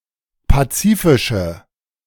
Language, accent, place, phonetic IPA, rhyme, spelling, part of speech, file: German, Germany, Berlin, [ˌpaˈt͡siːfɪʃə], -iːfɪʃə, pazifische, adjective, De-pazifische.ogg
- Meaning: inflection of pazifisch: 1. strong/mixed nominative/accusative feminine singular 2. strong nominative/accusative plural 3. weak nominative all-gender singular